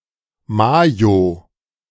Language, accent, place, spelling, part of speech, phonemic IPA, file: German, Germany, Berlin, Mayo, noun, /ˈmaːjo/, De-Mayo.ogg
- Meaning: mayonnaise